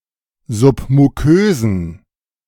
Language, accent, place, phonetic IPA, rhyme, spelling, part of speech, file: German, Germany, Berlin, [ˌzʊpmuˈkøːzn̩], -øːzn̩, submukösen, adjective, De-submukösen.ogg
- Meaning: inflection of submukös: 1. strong genitive masculine/neuter singular 2. weak/mixed genitive/dative all-gender singular 3. strong/weak/mixed accusative masculine singular 4. strong dative plural